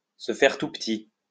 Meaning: to lie low, to keep quiet
- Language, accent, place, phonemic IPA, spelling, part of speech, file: French, France, Lyon, /sə fɛʁ tu p(ə).ti/, se faire tout petit, verb, LL-Q150 (fra)-se faire tout petit.wav